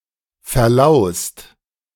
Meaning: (verb) past participle of verlausen; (adjective) infested with lice
- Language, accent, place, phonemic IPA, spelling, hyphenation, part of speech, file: German, Germany, Berlin, /fɛɐ̯ˈlaʊ̯st/, verlaust, ver‧laust, verb / adjective, De-verlaust.ogg